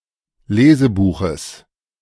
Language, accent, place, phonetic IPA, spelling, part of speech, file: German, Germany, Berlin, [ˈleːzəˌbuːxəs], Lesebuches, noun, De-Lesebuches.ogg
- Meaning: genitive of Lesebuch